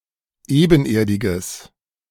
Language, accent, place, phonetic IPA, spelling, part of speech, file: German, Germany, Berlin, [ˈeːbn̩ˌʔeːɐ̯dɪɡəs], ebenerdiges, adjective, De-ebenerdiges.ogg
- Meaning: strong/mixed nominative/accusative neuter singular of ebenerdig